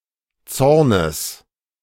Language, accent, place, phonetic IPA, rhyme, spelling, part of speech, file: German, Germany, Berlin, [ˈt͡sɔʁnəs], -ɔʁnəs, Zornes, noun, De-Zornes.ogg
- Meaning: genitive singular of Zorn